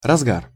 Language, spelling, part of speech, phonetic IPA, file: Russian, разгар, noun, [rɐzˈɡar], Ru-разгар.ogg
- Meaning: 1. height (of), high point (of) 2. scoring, erosion (of a weapon barrel)